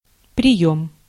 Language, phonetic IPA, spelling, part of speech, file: Russian, [prʲɪˈjɵm], приём, noun / interjection, Ru-приём.ogg
- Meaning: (noun) 1. reception 2. acceptance, admission 3. consultation 4. engagement 5. enlistment 6. taking 7. dose 8. movement, draught 9. sitting 10. device, trick, gimmick 11. method, way